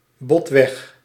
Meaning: bluntly
- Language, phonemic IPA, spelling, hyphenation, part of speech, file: Dutch, /ˈbɔt.ʋɛx/, botweg, bot‧weg, adverb, Nl-botweg.ogg